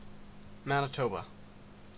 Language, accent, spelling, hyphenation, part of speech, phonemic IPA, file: English, Canada, Manitoba, Mani‧toba, proper noun, /ˌmænɪˈtoʊbə/, En-ca-Manitoba.ogg
- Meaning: A province in western Canada. Capital and largest city: Winnipeg